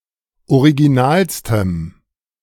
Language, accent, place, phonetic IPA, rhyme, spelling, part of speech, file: German, Germany, Berlin, [oʁiɡiˈnaːlstəm], -aːlstəm, originalstem, adjective, De-originalstem.ogg
- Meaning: strong dative masculine/neuter singular superlative degree of original